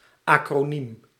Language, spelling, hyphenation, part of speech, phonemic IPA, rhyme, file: Dutch, acroniem, acro‧niem, noun, /ˌɑ.kroːˈnim/, -im, Nl-acroniem.ogg
- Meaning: acronym (word formed by initial letters)